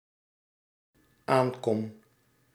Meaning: first-person singular dependent-clause present indicative of aankomen
- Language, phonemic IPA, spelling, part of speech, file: Dutch, /ˈaŋkɔm/, aankom, verb, Nl-aankom.ogg